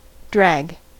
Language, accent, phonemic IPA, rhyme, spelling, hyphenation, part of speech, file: English, General American, /dɹæɡ/, -æɡ, drag, drag, noun / verb / adjective, En-us-drag.ogg
- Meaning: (noun) 1. Resistance of a fluid to something moving through it 2. Any force acting in opposition to the motion of an object